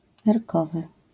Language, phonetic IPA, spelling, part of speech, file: Polish, [nɛrˈkɔvɨ], nerkowy, adjective, LL-Q809 (pol)-nerkowy.wav